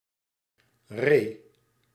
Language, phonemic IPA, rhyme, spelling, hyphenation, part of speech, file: Dutch, /reː/, -eː, ree, ree, noun, Nl-ree.ogg
- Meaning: 1. the roe, Capreolus capreolus 2. any deer of the genus Capreolus 3. alternative form of rede (“anchorage”)